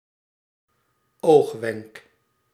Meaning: 1. eyewink 2. short moment, eyewink
- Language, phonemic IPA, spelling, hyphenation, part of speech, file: Dutch, /ˈoːx.ʋɛŋk/, oogwenk, oog‧wenk, noun, Nl-oogwenk.ogg